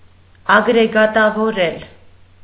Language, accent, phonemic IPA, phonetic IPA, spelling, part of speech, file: Armenian, Eastern Armenian, /ɑɡɾeɡɑtɑvoˈɾel/, [ɑɡɾeɡɑtɑvoɾél], ագրեգատավորել, verb, Hy-ագրեգատավորել.ogg
- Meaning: to aggregate, unitize, gang up